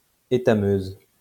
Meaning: female equivalent of étameur
- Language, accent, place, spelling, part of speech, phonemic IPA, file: French, France, Lyon, étameuse, noun, /e.ta.møz/, LL-Q150 (fra)-étameuse.wav